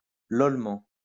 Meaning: While laughing out loud
- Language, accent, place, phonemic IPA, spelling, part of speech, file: French, France, Lyon, /lɔl.mɑ̃/, lolement, adverb, LL-Q150 (fra)-lolement.wav